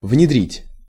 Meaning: 1. to implant (in), to embed (in) 2. to introduce, to adopt, to implement 3. to inculcate (in)
- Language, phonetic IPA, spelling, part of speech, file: Russian, [vnʲɪˈdrʲitʲ], внедрить, verb, Ru-внедрить.ogg